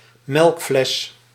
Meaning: 1. milk bottle 2. pale human leg
- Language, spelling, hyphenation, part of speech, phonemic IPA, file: Dutch, melkfles, melk‧fles, noun, /ˈmɛlk.flɛs/, Nl-melkfles.ogg